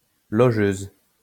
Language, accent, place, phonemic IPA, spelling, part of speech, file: French, France, Lyon, /lɔ.ʒøz/, logeuse, noun, LL-Q150 (fra)-logeuse.wav
- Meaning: landlady